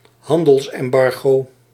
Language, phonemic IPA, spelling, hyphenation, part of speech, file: Dutch, /ˈɦɑn.dəls.ɛmˌbɑr.ɣoː/, handelsembargo, han‧dels‧em‧bar‧go, noun, Nl-handelsembargo.ogg
- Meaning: a trade embargo (ban on trade with another country)